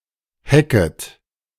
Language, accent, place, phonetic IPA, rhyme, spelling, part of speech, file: German, Germany, Berlin, [ˈhɛkət], -ɛkət, hecket, verb, De-hecket.ogg
- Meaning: second-person plural subjunctive I of hecken